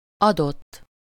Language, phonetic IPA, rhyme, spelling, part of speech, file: Hungarian, [ˈɒdotː], -otː, adott, verb / adjective, Hu-adott.ogg
- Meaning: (verb) 1. third-person singular indicative past indefinite of ad 2. past participle of ad; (adjective) given (already arranged; currently discussed; particular, specific)